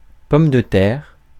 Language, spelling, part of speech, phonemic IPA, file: French, pomme de terre, noun, /pɔm də tɛʁ/, Fr-pomme de terre.ogg
- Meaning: potato (Solanum tuberosum)